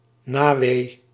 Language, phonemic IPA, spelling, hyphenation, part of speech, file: Dutch, /ˈnaː.ʋeː/, nawee, na‧wee, noun, Nl-nawee.ogg
- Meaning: 1. afterpain (pain after childbirth caused by contractions) 2. lingering negative result 3. lingering pain